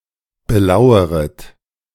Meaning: second-person plural subjunctive I of belauern
- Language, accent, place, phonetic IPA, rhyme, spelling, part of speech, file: German, Germany, Berlin, [bəˈlaʊ̯əʁət], -aʊ̯əʁət, belaueret, verb, De-belaueret.ogg